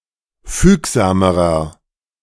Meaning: inflection of fügsam: 1. strong/mixed nominative masculine singular comparative degree 2. strong genitive/dative feminine singular comparative degree 3. strong genitive plural comparative degree
- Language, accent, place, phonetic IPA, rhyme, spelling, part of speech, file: German, Germany, Berlin, [ˈfyːkzaːməʁɐ], -yːkzaːməʁɐ, fügsamerer, adjective, De-fügsamerer.ogg